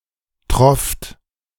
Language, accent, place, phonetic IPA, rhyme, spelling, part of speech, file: German, Germany, Berlin, [tʁɔft], -ɔft, trofft, verb, De-trofft.ogg
- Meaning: second-person plural preterite of triefen